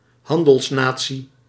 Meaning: trading nation (nation whose national income or national identity largely depends on trade)
- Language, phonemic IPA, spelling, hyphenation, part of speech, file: Dutch, /ˈɦɑn.dəlsˌnaː.(t)si/, handelsnatie, han‧dels‧na‧tie, noun, Nl-handelsnatie.ogg